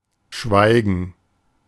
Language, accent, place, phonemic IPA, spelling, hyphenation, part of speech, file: German, Germany, Berlin, /ˈʃvaɪ̯ɡən/, schweigen, schwei‧gen, verb, De-schweigen.ogg
- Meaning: 1. to be silent; to keep quiet 2. to stop talking; to shut up